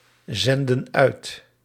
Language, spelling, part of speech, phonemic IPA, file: Dutch, zenden uit, verb, /ˈzɛndə(n) ˈœyt/, Nl-zenden uit.ogg
- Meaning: inflection of uitzenden: 1. plural present indicative 2. plural present subjunctive